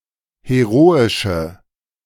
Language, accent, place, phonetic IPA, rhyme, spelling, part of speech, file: German, Germany, Berlin, [heˈʁoːɪʃə], -oːɪʃə, heroische, adjective, De-heroische.ogg
- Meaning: inflection of heroisch: 1. strong/mixed nominative/accusative feminine singular 2. strong nominative/accusative plural 3. weak nominative all-gender singular